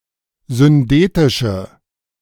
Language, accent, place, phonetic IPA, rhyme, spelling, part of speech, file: German, Germany, Berlin, [zʏnˈdeːtɪʃə], -eːtɪʃə, syndetische, adjective, De-syndetische.ogg
- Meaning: inflection of syndetisch: 1. strong/mixed nominative/accusative feminine singular 2. strong nominative/accusative plural 3. weak nominative all-gender singular